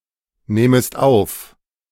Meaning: second-person singular subjunctive I of aufnehmen
- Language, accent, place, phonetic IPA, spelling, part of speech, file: German, Germany, Berlin, [ˌneːməst ˈaʊ̯f], nehmest auf, verb, De-nehmest auf.ogg